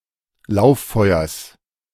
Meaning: genitive singular of Lauffeuer
- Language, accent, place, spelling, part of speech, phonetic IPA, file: German, Germany, Berlin, Lauffeuers, noun, [ˈlaʊ̯fˌfɔɪ̯ɐs], De-Lauffeuers.ogg